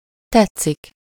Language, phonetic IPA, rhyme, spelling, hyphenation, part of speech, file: Hungarian, [ˈtɛt͡sːik], -ɛt͡sːik, tetszik, tet‧szik, verb, Hu-tetszik.ogg
- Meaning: 1. to appeal, to be liked 2. Used to indicate politeness towards the elderly or sometimes towards customers 3. to seem, to appear (-nak/-nek)